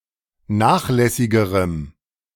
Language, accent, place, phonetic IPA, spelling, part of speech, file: German, Germany, Berlin, [ˈnaːxˌlɛsɪɡəʁəm], nachlässigerem, adjective, De-nachlässigerem.ogg
- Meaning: strong dative masculine/neuter singular comparative degree of nachlässig